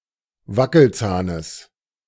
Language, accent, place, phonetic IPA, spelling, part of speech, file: German, Germany, Berlin, [ˈvakl̩ˌt͡saːnəs], Wackelzahnes, noun, De-Wackelzahnes.ogg
- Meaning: genitive singular of Wackelzahn